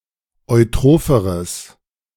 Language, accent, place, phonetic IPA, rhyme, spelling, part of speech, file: German, Germany, Berlin, [ɔɪ̯ˈtʁoːfəʁəs], -oːfəʁəs, eutropheres, adjective, De-eutropheres.ogg
- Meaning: strong/mixed nominative/accusative neuter singular comparative degree of eutroph